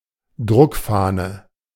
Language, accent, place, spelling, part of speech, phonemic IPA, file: German, Germany, Berlin, Druckfahne, noun, /ˈdʁʊkˌfaːnə/, De-Druckfahne.ogg
- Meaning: galley proof